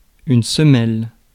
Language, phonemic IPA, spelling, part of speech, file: French, /sə.mɛl/, semelle, noun, Fr-semelle.ogg
- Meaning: 1. sole (of a shoe) 2. bit, iota 3. base plate pad 4. bedplate (of machine) 5. running surface (of ski) 6. untender meat